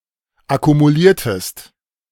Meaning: inflection of akkumulieren: 1. second-person singular preterite 2. second-person singular subjunctive II
- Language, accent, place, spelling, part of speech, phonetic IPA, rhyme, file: German, Germany, Berlin, akkumuliertest, verb, [akumuˈliːɐ̯təst], -iːɐ̯təst, De-akkumuliertest.ogg